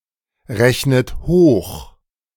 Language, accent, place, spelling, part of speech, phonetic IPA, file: German, Germany, Berlin, rechnet hoch, verb, [ˌʁɛçnət ˈhoːx], De-rechnet hoch.ogg
- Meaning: inflection of hochrechnen: 1. second-person plural present 2. second-person plural subjunctive I 3. third-person singular present 4. plural imperative